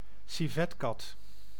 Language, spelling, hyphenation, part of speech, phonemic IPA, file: Dutch, civetkat, ci‧vet‧kat, noun, /siˈvɛtˌkɑt/, Nl-civetkat.ogg
- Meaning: civet, carnivore of the genera Viverra or Civettictis